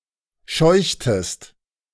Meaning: inflection of scheuchen: 1. second-person singular preterite 2. second-person singular subjunctive II
- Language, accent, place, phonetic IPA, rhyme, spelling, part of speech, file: German, Germany, Berlin, [ˈʃɔɪ̯çtəst], -ɔɪ̯çtəst, scheuchtest, verb, De-scheuchtest.ogg